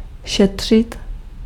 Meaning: 1. to save (to store for future use) 2. to inquire or investigate (to examine a thing or event thoroughly) 3. to not overexert oneself 4. to save, preserve (one's strength or body)
- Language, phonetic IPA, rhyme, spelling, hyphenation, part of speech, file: Czech, [ˈʃɛtr̝̊ɪt], -ɛtr̝̊ɪt, šetřit, šet‧řit, verb, Cs-šetřit.ogg